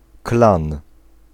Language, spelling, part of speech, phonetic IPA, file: Polish, klan, noun, [klãn], Pl-klan.ogg